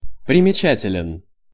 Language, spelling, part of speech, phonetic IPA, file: Russian, примечателен, adjective, [prʲɪmʲɪˈt͡ɕætʲɪlʲɪn], Ru-примечателен.ogg
- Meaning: short masculine singular of примеча́тельный (primečátelʹnyj)